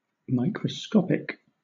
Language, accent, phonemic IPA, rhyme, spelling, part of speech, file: English, Southern England, /ˌmaɪ.kɹəˈskɒp.ɪk/, -ɒpɪk, microscopic, adjective, LL-Q1860 (eng)-microscopic.wav
- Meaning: 1. Of, or relating to microscopes or microscopy; microscopal 2. So small that it can only be seen with the aid of a microscope 3. Very small; minute 4. Carried out with great attention to detail